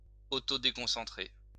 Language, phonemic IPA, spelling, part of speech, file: French, /de.kɔ̃.sɑ̃.tʁe/, déconcentrer, verb, LL-Q150 (fra)-déconcentrer.wav
- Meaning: 1. to distract 2. to devolve